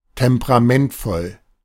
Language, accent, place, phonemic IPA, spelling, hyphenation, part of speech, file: German, Germany, Berlin, /ˌtɛmpəʁaˈmɛntfɔl/, temperamentvoll, tem‧pe‧ra‧ment‧voll, adjective, De-temperamentvoll.ogg
- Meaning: spirited